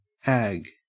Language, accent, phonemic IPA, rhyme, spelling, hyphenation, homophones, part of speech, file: English, Australia, /hæːɡ/, -æɡ, hag, hag, Hague, noun / verb, En-au-hag.ogg
- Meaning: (noun) 1. A witch, sorceress, or enchantress; a female wizard 2. An ugly old woman 3. An evil woman 4. A woman 5. A fury; a she-monster